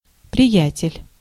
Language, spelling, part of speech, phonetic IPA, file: Russian, приятель, noun, [prʲɪˈjætʲɪlʲ], Ru-приятель.ogg
- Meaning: 1. friend, chum 2. buddy, pal, mate (informal address)